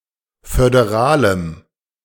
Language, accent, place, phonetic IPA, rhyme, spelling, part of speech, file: German, Germany, Berlin, [fødeˈʁaːləm], -aːləm, föderalem, adjective, De-föderalem.ogg
- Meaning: strong dative masculine/neuter singular of föderal